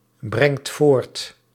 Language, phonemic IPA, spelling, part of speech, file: Dutch, /ˈbrɛŋt ˈvort/, brengt voort, verb, Nl-brengt voort.ogg
- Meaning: inflection of voortbrengen: 1. second/third-person singular present indicative 2. plural imperative